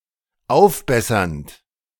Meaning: present participle of aufbessern
- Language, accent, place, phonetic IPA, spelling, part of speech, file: German, Germany, Berlin, [ˈaʊ̯fˌbɛsɐnt], aufbessernd, verb, De-aufbessernd.ogg